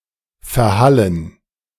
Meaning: to (echo and then) die away
- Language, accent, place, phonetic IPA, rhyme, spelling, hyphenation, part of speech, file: German, Germany, Berlin, [fɛɐ̯ˈhalən], -alən, verhallen, ver‧hal‧len, verb, De-verhallen.ogg